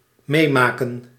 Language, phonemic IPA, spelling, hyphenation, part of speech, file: Dutch, /ˈmeːˌmaː.kə(n)/, meemaken, mee‧ma‧ken, verb, Nl-meemaken.ogg
- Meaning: 1. to participate in, attend 2. to experience